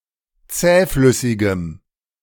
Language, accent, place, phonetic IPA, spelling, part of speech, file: German, Germany, Berlin, [ˈt͡sɛːˌflʏsɪɡəm], zähflüssigem, adjective, De-zähflüssigem.ogg
- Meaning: strong dative masculine/neuter singular of zähflüssig